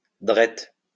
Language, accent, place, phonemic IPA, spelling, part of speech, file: French, France, Lyon, /dʁɛt/, drette, adjective / adverb, LL-Q150 (fra)-drette.wav
- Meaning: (adjective) 1. (North America) form of droit 2. direct; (adverb) directly